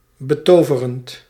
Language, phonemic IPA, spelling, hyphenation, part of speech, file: Dutch, /bəˈtoː.və.rənt/, betoverend, be‧to‧ve‧rend, adjective / verb, Nl-betoverend.ogg
- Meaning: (adjective) enchanting; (verb) present participle of betoveren